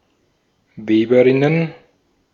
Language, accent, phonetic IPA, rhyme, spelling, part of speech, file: German, Austria, [ˈveːbəˌʁɪnən], -eːbəʁɪnən, Weberinnen, noun, De-at-Weberinnen.ogg
- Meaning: plural of Weberin